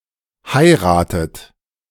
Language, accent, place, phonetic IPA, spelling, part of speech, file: German, Germany, Berlin, [ˈhaɪ̯ʁaːtət], heiratet, verb, De-heiratet.ogg
- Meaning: inflection of heiraten: 1. third-person singular present 2. second-person plural present 3. plural imperative 4. second-person plural subjunctive I